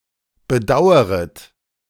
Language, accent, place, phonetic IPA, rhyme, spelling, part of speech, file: German, Germany, Berlin, [bəˈdaʊ̯əʁət], -aʊ̯əʁət, bedaueret, verb, De-bedaueret.ogg
- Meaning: second-person plural subjunctive I of bedauern